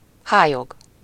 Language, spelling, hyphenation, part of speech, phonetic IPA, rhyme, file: Hungarian, hályog, há‧lyog, noun, [ˈhaːjoɡ], -oɡ, Hu-hályog.ogg
- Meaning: 1. a disease that obscures vision 2. delusion, deception, scales on one's eyes, failure to perceive truth